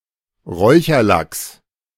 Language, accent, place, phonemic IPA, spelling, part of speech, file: German, Germany, Berlin, /ˈʁɔʏ̯çɐˌlaks/, Räucherlachs, noun, De-Räucherlachs.ogg
- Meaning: smoked salmon; lox